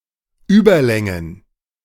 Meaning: plural of Überlänge
- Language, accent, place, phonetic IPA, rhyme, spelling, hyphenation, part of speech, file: German, Germany, Berlin, [ˈyːbɐˌlɛŋən], -ɛŋən, Überlängen, Über‧län‧gen, noun, De-Überlängen.ogg